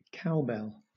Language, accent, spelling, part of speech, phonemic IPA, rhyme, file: English, Southern England, cowbell, noun, /ˈkaʊˌbɛl/, -aʊbɛl, LL-Q1860 (eng)-cowbell.wav
- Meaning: 1. A bell worn by cows; sometimes with an ornate strap 2. A musical instrument, typically found without a clapper 3. Misconstruction of bell cow